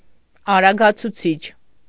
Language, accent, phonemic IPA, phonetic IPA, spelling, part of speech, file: Armenian, Eastern Armenian, /ɑɾɑɡɑt͡sʰuˈt͡sʰit͡ʃʰ/, [ɑɾɑɡɑt͡sʰut͡sʰít͡ʃʰ], արագացուցիչ, noun, Hy-արագացուցիչ.ogg
- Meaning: accelerator